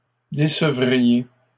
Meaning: second-person plural conditional of décevoir
- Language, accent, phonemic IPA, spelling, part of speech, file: French, Canada, /de.sə.vʁi.je/, décevriez, verb, LL-Q150 (fra)-décevriez.wav